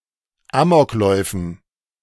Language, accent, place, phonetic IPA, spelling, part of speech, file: German, Germany, Berlin, [ˈaːmɔkˌlɔɪ̯fn̩], Amokläufen, noun, De-Amokläufen.ogg
- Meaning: dative plural of Amoklauf